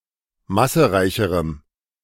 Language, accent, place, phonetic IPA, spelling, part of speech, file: German, Germany, Berlin, [ˈmasəˌʁaɪ̯çəʁəm], massereicherem, adjective, De-massereicherem.ogg
- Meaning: strong dative masculine/neuter singular comparative degree of massereich